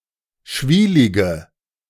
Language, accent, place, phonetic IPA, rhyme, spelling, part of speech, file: German, Germany, Berlin, [ˈʃviːlɪɡə], -iːlɪɡə, schwielige, adjective, De-schwielige.ogg
- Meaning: inflection of schwielig: 1. strong/mixed nominative/accusative feminine singular 2. strong nominative/accusative plural 3. weak nominative all-gender singular